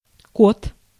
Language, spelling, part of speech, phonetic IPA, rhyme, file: Russian, кот, noun, [kot], -ot, Ru-кот.ogg
- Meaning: tomcat